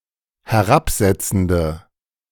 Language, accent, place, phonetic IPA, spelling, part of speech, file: German, Germany, Berlin, [hɛˈʁapˌzɛt͡sn̩də], herabsetzende, adjective, De-herabsetzende.ogg
- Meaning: inflection of herabsetzend: 1. strong/mixed nominative/accusative feminine singular 2. strong nominative/accusative plural 3. weak nominative all-gender singular